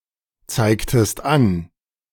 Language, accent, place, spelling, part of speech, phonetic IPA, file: German, Germany, Berlin, zeigtest an, verb, [ˌt͡saɪ̯ktəst ˈan], De-zeigtest an.ogg
- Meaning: inflection of anzeigen: 1. second-person singular preterite 2. second-person singular subjunctive II